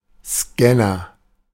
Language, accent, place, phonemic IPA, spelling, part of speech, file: German, Germany, Berlin, /ˈskɛnɐ/, Scanner, noun, De-Scanner.ogg
- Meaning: 1. scanner (device) 2. one who scans